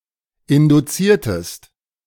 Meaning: inflection of induzieren: 1. second-person singular preterite 2. second-person singular subjunctive II
- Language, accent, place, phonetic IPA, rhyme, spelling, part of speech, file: German, Germany, Berlin, [ˌɪnduˈt͡siːɐ̯təst], -iːɐ̯təst, induziertest, verb, De-induziertest.ogg